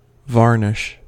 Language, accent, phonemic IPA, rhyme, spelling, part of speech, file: English, US, /ˈvɑː(ɹ)nɪʃ/, -ɑː(ɹ)nɪʃ, varnish, noun / verb, En-us-varnish.ogg
- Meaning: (noun) A clear or translucent liquid coating composed of resin dissolved in a solvent, which dries by evaporation to form a hard, protective, and typically glossy finish